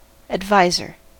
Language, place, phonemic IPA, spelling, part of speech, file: English, California, /ædˈvaɪ.zɚ/, advisor, noun, En-us-advisor.ogg
- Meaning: 1. One who offers advice 2. A xiangqi piece that is moved one point diagonally and confined within the palace